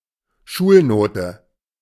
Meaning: mark, grade (score obtained at school)
- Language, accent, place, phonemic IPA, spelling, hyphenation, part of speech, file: German, Germany, Berlin, /ˈʃuːlˌnoːtə/, Schulnote, Schul‧no‧te, noun, De-Schulnote.ogg